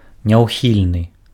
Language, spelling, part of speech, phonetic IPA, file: Belarusian, няўхільны, adjective, [nʲau̯ˈxʲilʲnɨ], Be-няўхільны.ogg
- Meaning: 1. imminent 2. inevitable